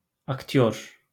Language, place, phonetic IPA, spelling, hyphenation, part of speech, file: Azerbaijani, Baku, [ɑktˈjor], aktyor, akt‧yor, noun, LL-Q9292 (aze)-aktyor.wav
- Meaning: actor